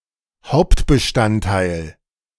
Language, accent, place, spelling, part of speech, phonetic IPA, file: German, Germany, Berlin, Hauptbestandteil, noun, [ˈhaʊ̯ptbəˌʃtanttaɪ̯l], De-Hauptbestandteil.ogg
- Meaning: basis (main ingredient or component)